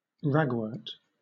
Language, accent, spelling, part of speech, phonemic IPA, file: English, Southern England, ragwort, noun, /ˈɹæɡwəːt/, LL-Q1860 (eng)-ragwort.wav
- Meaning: Any of a number of wild flowering plants with yellow flowers in the family Asteraceae, mostly belonging to Senecio and related genera